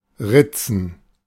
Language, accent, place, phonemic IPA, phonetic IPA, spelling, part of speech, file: German, Germany, Berlin, /ˈʁɪt͡sən/, [ˈʁɪt͡sn̩], ritzen, verb, De-ritzen.ogg
- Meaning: 1. to scratch 2. to cut oneself